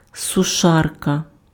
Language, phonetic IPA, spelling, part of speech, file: Ukrainian, [sʊˈʃarkɐ], сушарка, noun, Uk-сушарка.ogg
- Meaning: dryer (electric appliance for drying clothes)